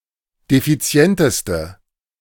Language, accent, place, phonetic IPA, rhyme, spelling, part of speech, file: German, Germany, Berlin, [defiˈt͡si̯ɛntəstə], -ɛntəstə, defizienteste, adjective, De-defizienteste.ogg
- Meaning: inflection of defizient: 1. strong/mixed nominative/accusative feminine singular superlative degree 2. strong nominative/accusative plural superlative degree